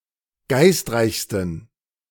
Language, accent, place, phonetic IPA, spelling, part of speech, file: German, Germany, Berlin, [ˈɡaɪ̯stˌʁaɪ̯çstn̩], geistreichsten, adjective, De-geistreichsten.ogg
- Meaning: 1. superlative degree of geistreich 2. inflection of geistreich: strong genitive masculine/neuter singular superlative degree